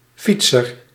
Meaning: cyclist
- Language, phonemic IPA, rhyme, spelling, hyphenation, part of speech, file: Dutch, /ˈfit.sər/, -itsər, fietser, fiet‧ser, noun, Nl-fietser.ogg